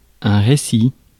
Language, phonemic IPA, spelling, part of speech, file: French, /ʁe.sif/, récif, noun, Fr-récif.ogg
- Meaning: reef (rocks at or near surface of the water)